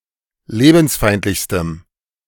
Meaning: strong dative masculine/neuter singular superlative degree of lebensfeindlich
- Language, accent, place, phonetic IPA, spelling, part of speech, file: German, Germany, Berlin, [ˈleːbn̩sˌfaɪ̯ntlɪçstəm], lebensfeindlichstem, adjective, De-lebensfeindlichstem.ogg